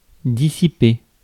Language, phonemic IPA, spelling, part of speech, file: French, /di.si.pe/, dissiper, verb, Fr-dissiper.ogg
- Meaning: 1. to dissipate 2. to squander (waste) 3. to distract (someone) from serious thoughts